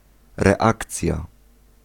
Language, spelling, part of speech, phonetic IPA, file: Polish, reakcja, noun, [rɛˈakt͡sʲja], Pl-reakcja.ogg